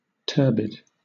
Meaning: 1. Having the lees or sediment disturbed; not clear. (of a liquid) 2. Smoky or misty 3. Unclear; confused; obscure
- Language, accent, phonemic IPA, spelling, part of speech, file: English, Southern England, /ˈtɜː(ɹ)bɪd/, turbid, adjective, LL-Q1860 (eng)-turbid.wav